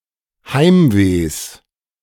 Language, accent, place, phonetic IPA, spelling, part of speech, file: German, Germany, Berlin, [ˈhaɪ̯mveːs], Heimwehs, noun, De-Heimwehs.ogg
- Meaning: genitive singular of Heimweh